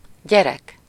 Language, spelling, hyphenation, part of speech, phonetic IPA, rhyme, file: Hungarian, gyerek, gye‧rek, noun, [ˈɟɛrɛk], -ɛk, Hu-gyerek.ogg
- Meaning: alternative form of gyermek (“(ones') child”)